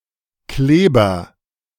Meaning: 1. glue 2. gluten
- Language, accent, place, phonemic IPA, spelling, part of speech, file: German, Germany, Berlin, /ˈkleːbɐ/, Kleber, noun, De-Kleber.ogg